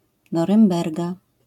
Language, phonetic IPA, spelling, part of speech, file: Polish, [ˌnɔrɨ̃mˈbɛrɡa], Norymberga, proper noun, LL-Q809 (pol)-Norymberga.wav